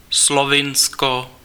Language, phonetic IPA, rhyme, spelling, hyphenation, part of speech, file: Czech, [ˈslovɪnsko], -ɪnsko, Slovinsko, Slo‧vin‧sko, proper noun, Cs-Slovinsko.ogg
- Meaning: Slovenia (a country on the Balkan Peninsula in Central Europe; official name: Slovinská republika)